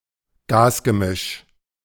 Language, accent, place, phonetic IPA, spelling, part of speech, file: German, Germany, Berlin, [ˈɡaːsɡəˌmɪʃ], Gasgemisch, noun, De-Gasgemisch.ogg
- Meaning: gas mixture